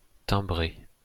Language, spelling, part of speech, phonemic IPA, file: French, timbré, verb / adjective, /tɛ̃.bʁe/, LL-Q150 (fra)-timbré.wav
- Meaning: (verb) past participle of timbrer; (adjective) 1. stamped 2. loony, barmy, nuts